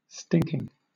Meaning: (adjective) 1. Having a pungent smell 2. Very bad and undesirable 3. Very drunk 4. An intensifier, a hypallage; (verb) present participle and gerund of stink; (noun) The emission of a foul smell
- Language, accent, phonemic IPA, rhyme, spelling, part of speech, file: English, Southern England, /ˈstɪŋkɪŋ/, -ɪŋkɪŋ, stinking, adjective / verb / noun, LL-Q1860 (eng)-stinking.wav